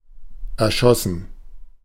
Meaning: 1. past participle of erschießen 2. first/third-person plural preterite of erschießen
- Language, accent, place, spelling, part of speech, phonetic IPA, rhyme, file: German, Germany, Berlin, erschossen, verb, [ɛɐ̯ˈʃɔsn̩], -ɔsn̩, De-erschossen.ogg